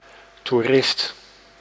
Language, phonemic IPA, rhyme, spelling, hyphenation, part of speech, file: Dutch, /tuˈrɪst/, -ɪst, toerist, toe‧rist, noun, Nl-toerist.ogg
- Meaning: tourist (male or of unspecified sex)